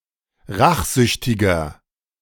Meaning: 1. comparative degree of rachsüchtig 2. inflection of rachsüchtig: strong/mixed nominative masculine singular 3. inflection of rachsüchtig: strong genitive/dative feminine singular
- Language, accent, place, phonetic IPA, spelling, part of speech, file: German, Germany, Berlin, [ˈʁaxˌzʏçtɪɡɐ], rachsüchtiger, adjective, De-rachsüchtiger.ogg